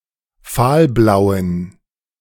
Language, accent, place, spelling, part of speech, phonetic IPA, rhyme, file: German, Germany, Berlin, fahlblauen, adjective, [ˈfaːlˌblaʊ̯ən], -aːlblaʊ̯ən, De-fahlblauen.ogg
- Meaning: inflection of fahlblau: 1. strong genitive masculine/neuter singular 2. weak/mixed genitive/dative all-gender singular 3. strong/weak/mixed accusative masculine singular 4. strong dative plural